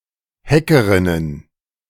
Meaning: plural of Hackerin
- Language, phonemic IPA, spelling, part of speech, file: German, /ˈhɛkərɪnən/, Hackerinnen, noun, De-Hackerinnen.ogg